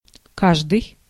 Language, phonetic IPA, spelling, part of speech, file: Russian, [ˈkaʐdɨj], каждый, pronoun, Ru-каждый.ogg
- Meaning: 1. every, each 2. either (of two) 3. everybody, everyone